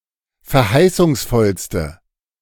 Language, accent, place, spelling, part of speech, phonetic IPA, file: German, Germany, Berlin, verheißungsvollste, adjective, [fɛɐ̯ˈhaɪ̯sʊŋsˌfɔlstə], De-verheißungsvollste.ogg
- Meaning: inflection of verheißungsvoll: 1. strong/mixed nominative/accusative feminine singular superlative degree 2. strong nominative/accusative plural superlative degree